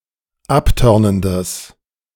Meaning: strong/mixed nominative/accusative neuter singular of abtörnend
- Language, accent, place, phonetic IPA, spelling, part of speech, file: German, Germany, Berlin, [ˈapˌtœʁnəndəs], abtörnendes, adjective, De-abtörnendes.ogg